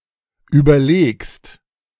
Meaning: second-person singular present of überlegen
- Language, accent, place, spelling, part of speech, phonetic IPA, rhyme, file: German, Germany, Berlin, überlegst, verb, [ˌyːbɐˈleːkst], -eːkst, De-überlegst.ogg